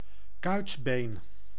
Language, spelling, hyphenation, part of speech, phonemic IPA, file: Dutch, kuitbeen, kuit‧been, noun, /ˈkœy̯tbeːn/, Nl-kuitbeen.ogg
- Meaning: a fibula, calf bone in a leg